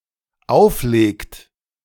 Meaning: inflection of auflegen: 1. third-person singular dependent present 2. second-person plural dependent present
- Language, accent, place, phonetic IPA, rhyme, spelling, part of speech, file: German, Germany, Berlin, [ˈaʊ̯fˌleːkt], -aʊ̯fleːkt, auflegt, verb, De-auflegt.ogg